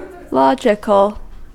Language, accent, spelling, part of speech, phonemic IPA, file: English, US, logical, adjective, /ˈlɑd͡ʒɪkəl/, En-us-logical.ogg
- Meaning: 1. In agreement with the principles of logic 2. Reasonable 3. Of or pertaining to logic 4. Relating to the conceptual model of a system rather than its physical expression